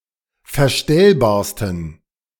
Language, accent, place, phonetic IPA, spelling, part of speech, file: German, Germany, Berlin, [fɛɐ̯ˈʃtɛlbaːɐ̯stn̩], verstellbarsten, adjective, De-verstellbarsten.ogg
- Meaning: 1. superlative degree of verstellbar 2. inflection of verstellbar: strong genitive masculine/neuter singular superlative degree